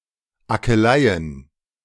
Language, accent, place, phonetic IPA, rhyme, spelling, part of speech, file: German, Germany, Berlin, [akəˈlaɪ̯ən], -aɪ̯ən, Akeleien, noun, De-Akeleien.ogg
- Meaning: plural of Akelei